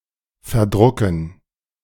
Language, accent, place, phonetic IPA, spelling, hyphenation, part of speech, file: German, Germany, Berlin, [fɛɐ̯ˈdʁʊkn̩], verdrucken, ver‧dru‧cken, verb, De-verdrucken.ogg
- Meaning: 1. to misprint 2. to consume while printing